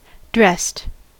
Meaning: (verb) simple past and past participle of dress; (adjective) Having been subjected to a preparatory process or treatment; treated, prepared
- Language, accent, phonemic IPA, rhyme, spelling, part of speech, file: English, US, /ˈdɹɛst/, -ɛst, dressed, verb / adjective, En-us-dressed.ogg